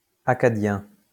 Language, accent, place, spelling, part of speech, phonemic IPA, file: French, France, Lyon, accadien, adjective / noun, /a.ka.djɛ̃/, LL-Q150 (fra)-accadien.wav
- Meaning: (adjective) alternative spelling of akkadien